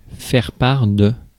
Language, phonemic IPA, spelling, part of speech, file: French, /fɛʁ.paʁ/, faire-part, noun, Fr-faire-part.ogg
- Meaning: announcement (of birth, marriage, death, etc.)